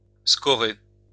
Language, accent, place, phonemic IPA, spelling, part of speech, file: French, France, Lyon, /skɔ.ʁe/, scorer, verb, LL-Q150 (fra)-scorer.wav
- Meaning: to score (a goal)